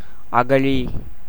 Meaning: moat, trench, ditch surrounding a fortification
- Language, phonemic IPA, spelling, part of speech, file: Tamil, /ɐɡɐɻiː/, அகழி, noun, Ta-அகழி.ogg